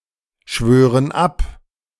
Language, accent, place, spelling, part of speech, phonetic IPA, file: German, Germany, Berlin, schwören ab, verb, [ˌʃvøːʁən ˈap], De-schwören ab.ogg
- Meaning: inflection of abschwören: 1. first/third-person plural present 2. first/third-person plural subjunctive I